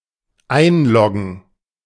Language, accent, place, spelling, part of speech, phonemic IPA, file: German, Germany, Berlin, einloggen, verb, /ˈaɪ̯nˌlɔɡn̩/, De-einloggen.ogg
- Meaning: to log in (gain access to a computer system)